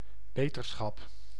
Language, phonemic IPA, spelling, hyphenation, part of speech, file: Dutch, /ˈbeː.tərˌsxɑp/, beterschap, be‧ter‧schap, noun / interjection, Nl-beterschap.ogg
- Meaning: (noun) betterness, the state of being or becoming better or well; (interjection) get well; used to wish someone well when they are sick